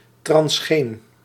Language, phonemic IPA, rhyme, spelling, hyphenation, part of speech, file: Dutch, /trɑnsˈxeːn/, -eːn, transgeen, trans‧geen, adjective, Nl-transgeen.ogg
- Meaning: transgenic